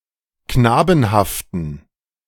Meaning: inflection of knabenhaft: 1. strong genitive masculine/neuter singular 2. weak/mixed genitive/dative all-gender singular 3. strong/weak/mixed accusative masculine singular 4. strong dative plural
- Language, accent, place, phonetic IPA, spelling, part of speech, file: German, Germany, Berlin, [ˈknaːbn̩haftn̩], knabenhaften, adjective, De-knabenhaften.ogg